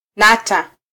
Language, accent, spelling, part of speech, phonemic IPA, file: Swahili, Kenya, nata, adjective / verb, /ˈnɑ.tɑ/, Sw-ke-nata.flac
- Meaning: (adjective) sticky; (verb) 1. to be viscous 2. to stick, to adhere to 3. to be concentrated on